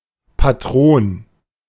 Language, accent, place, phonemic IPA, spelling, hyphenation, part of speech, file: German, Germany, Berlin, /ˌpaˈtʁoːn/, Patron, Pa‧t‧ron, noun, De-Patron.ogg
- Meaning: 1. patron 2. patron saint